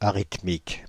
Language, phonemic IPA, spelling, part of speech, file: French, /a.ʁit.mik/, arythmique, adjective, Fr-arythmique.ogg
- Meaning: arhythmic